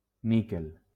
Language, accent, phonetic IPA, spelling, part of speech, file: Catalan, Valencia, [ˈni.kel], níquel, noun, LL-Q7026 (cat)-níquel.wav
- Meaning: nickel